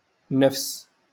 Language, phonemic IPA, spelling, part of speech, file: Moroccan Arabic, /nafs/, نفس, noun, LL-Q56426 (ary)-نفس.wav
- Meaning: 1. same used in the construct state, with a modifying noun, or after the noun with an enclitic pronoun attached to it 2. life, breath 3. inclination, appetite, proclivity